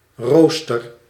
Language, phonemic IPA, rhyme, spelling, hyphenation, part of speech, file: Dutch, /ˈroː.stər/, -oːstər, rooster, roos‧ter, noun / verb, Nl-rooster.ogg
- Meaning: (noun) 1. grill, grid a metallic maze-structure; some things containing one 2. a device for roasting 3. roster, timetable 4. lattice